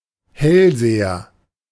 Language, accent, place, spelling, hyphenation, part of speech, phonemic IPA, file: German, Germany, Berlin, Hellseher, Hell‧se‧her, noun, /ˈhɛlˌzeːɐ/, De-Hellseher.ogg
- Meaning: clairvoyant, seer